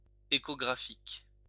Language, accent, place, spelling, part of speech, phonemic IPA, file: French, France, Lyon, échographique, adjective, /e.ko.ɡʁa.fik/, LL-Q150 (fra)-échographique.wav
- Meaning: echographic